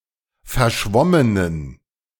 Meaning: inflection of verschwommen: 1. strong genitive masculine/neuter singular 2. weak/mixed genitive/dative all-gender singular 3. strong/weak/mixed accusative masculine singular 4. strong dative plural
- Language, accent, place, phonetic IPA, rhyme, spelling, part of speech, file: German, Germany, Berlin, [fɛɐ̯ˈʃvɔmənən], -ɔmənən, verschwommenen, adjective, De-verschwommenen.ogg